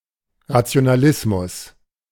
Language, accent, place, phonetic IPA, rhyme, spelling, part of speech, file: German, Germany, Berlin, [ʁat͡si̯onaˈlɪsmʊs], -ɪsmʊs, Rationalismus, noun, De-Rationalismus.ogg
- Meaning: rationalism